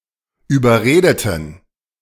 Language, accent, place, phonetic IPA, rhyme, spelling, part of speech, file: German, Germany, Berlin, [yːbɐˈʁeːdətn̩], -eːdətn̩, überredeten, adjective, De-überredeten.ogg
- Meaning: inflection of überreden: 1. first/third-person plural preterite 2. first/third-person plural subjunctive II